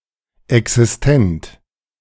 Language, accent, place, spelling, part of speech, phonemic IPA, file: German, Germany, Berlin, existent, adjective, /ɛksɪsˈtɛnt/, De-existent.ogg
- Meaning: existent